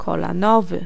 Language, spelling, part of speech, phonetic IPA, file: Polish, kolanowy, adjective, [ˌkɔlãˈnɔvɨ], Pl-kolanowy.ogg